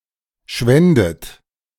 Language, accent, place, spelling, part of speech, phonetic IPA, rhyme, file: German, Germany, Berlin, schwändet, verb, [ˈʃvɛndət], -ɛndət, De-schwändet.ogg
- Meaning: second-person plural subjunctive II of schwinden